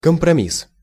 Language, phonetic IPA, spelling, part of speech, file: Russian, [kəmprɐˈmʲis], компромисс, noun, Ru-компромисс.ogg
- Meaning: compromise, trade-off